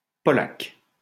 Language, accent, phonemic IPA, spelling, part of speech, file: French, France, /pɔ.lak/, Polak, noun, LL-Q150 (fra)-Polak.wav
- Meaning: Polack (person of Polish descent)